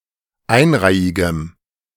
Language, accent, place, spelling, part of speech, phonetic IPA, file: German, Germany, Berlin, einreihigem, adjective, [ˈaɪ̯nˌʁaɪ̯ɪɡəm], De-einreihigem.ogg
- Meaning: strong dative masculine/neuter singular of einreihig